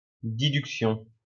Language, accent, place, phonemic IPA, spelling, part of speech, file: French, France, Lyon, /di.dyk.sjɔ̃/, diduction, noun, LL-Q150 (fra)-diduction.wav
- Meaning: lateral movement performed by the lower jaw in all herbivores during chewing and, in those who ruminate, during rumination